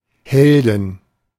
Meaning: inflection of Held: 1. genitive/dative/accusative singular 2. all-case plural
- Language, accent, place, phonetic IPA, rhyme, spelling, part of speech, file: German, Germany, Berlin, [ˈhɛldn̩], -ɛldn̩, Helden, noun, De-Helden.ogg